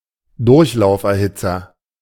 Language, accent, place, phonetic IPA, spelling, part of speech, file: German, Germany, Berlin, [ˈdʊʁçlaʊ̯fʔɛɐ̯ˌhɪt͡sɐ], Durchlauferhitzer, noun, De-Durchlauferhitzer.ogg
- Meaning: 1. tankless heater 2. pipeline (process or institution that mostly serves to induct or prepare for a separate, more principal stage, despite assumptions or presumptions of stand-alone importance)